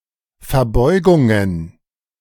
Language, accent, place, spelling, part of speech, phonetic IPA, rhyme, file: German, Germany, Berlin, Verbeugungen, noun, [fɛɐ̯ˈbɔɪ̯ɡʊŋən], -ɔɪ̯ɡʊŋən, De-Verbeugungen.ogg
- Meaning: plural of Verbeugung